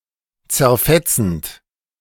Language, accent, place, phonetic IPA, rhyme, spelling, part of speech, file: German, Germany, Berlin, [t͡sɛɐ̯ˈfɛt͡sn̩t], -ɛt͡sn̩t, zerfetzend, verb, De-zerfetzend.ogg
- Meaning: present participle of zerfetzen